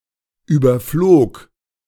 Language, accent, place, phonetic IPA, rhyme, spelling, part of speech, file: German, Germany, Berlin, [ˌyːbɐˈfloːk], -oːk, überflog, verb, De-überflog.ogg
- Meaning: first/third-person singular preterite of überfliegen